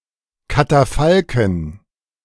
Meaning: dative plural of Katafalk
- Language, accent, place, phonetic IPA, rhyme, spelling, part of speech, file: German, Germany, Berlin, [kataˈfalkn̩], -alkn̩, Katafalken, noun, De-Katafalken.ogg